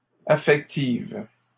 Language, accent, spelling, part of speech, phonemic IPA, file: French, Canada, affective, adjective, /a.fɛk.tiv/, LL-Q150 (fra)-affective.wav
- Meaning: feminine singular of affectif